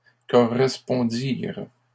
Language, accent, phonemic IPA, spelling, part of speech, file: French, Canada, /kɔ.ʁɛs.pɔ̃.diʁ/, correspondirent, verb, LL-Q150 (fra)-correspondirent.wav
- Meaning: third-person plural past historic of correspondre